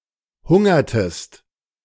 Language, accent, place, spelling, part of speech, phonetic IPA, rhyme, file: German, Germany, Berlin, hungertest, verb, [ˈhʊŋɐtəst], -ʊŋɐtəst, De-hungertest.ogg
- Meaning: inflection of hungern: 1. second-person singular preterite 2. second-person singular subjunctive II